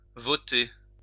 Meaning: to vote
- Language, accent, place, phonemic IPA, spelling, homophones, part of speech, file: French, France, Lyon, /vɔ.te/, voter, votai / voté / votée / votées / votés / votez, verb, LL-Q150 (fra)-voter.wav